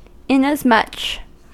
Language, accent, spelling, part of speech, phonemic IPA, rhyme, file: English, US, inasmuch, adverb, /ˌɪnəzˈmʌt͡ʃ/, -ʌtʃ, En-us-inasmuch.ogg
- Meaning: In like degree; in like manner; to the same or similar degree; likewise